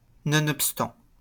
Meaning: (preposition) despite, in spite of, notwithstanding; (adverb) however, nevertheless
- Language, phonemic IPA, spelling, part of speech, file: French, /nɔ.nɔp.stɑ̃/, nonobstant, preposition / adverb, LL-Q150 (fra)-nonobstant.wav